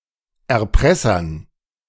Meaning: dative plural of Erpresser
- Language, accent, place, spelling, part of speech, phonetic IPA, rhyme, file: German, Germany, Berlin, Erpressern, noun, [ɛɐ̯ˈpʁɛsɐn], -ɛsɐn, De-Erpressern.ogg